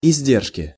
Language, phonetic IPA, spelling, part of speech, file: Russian, [ɪzʲˈdʲerʂkʲɪ], издержки, noun, Ru-издержки.ogg
- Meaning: inflection of изде́ржка (izdéržka): 1. genitive singular 2. nominative/accusative plural